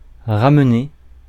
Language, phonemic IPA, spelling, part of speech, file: French, /ʁa.m(ə).ne/, ramener, verb, Fr-ramener.ogg
- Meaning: 1. to take back, bring back, restore 2. to draw, pull (back) 3. to come down, be reduced (à to) 4. to roll up, to get one's butt somewhere